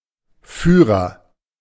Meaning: 1. guide (person who assists people by providing information, giving directions, etc.) 2. guidebook (text which provides information about a topic) 3. leader (someone who is ahead of others)
- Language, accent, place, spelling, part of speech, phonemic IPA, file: German, Germany, Berlin, Führer, noun, /ˈfyː.ʁɐ/, De-Führer.ogg